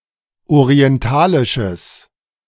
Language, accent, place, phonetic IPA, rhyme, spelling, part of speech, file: German, Germany, Berlin, [oʁiɛnˈtaːlɪʃəs], -aːlɪʃəs, orientalisches, adjective, De-orientalisches.ogg
- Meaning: strong/mixed nominative/accusative neuter singular of orientalisch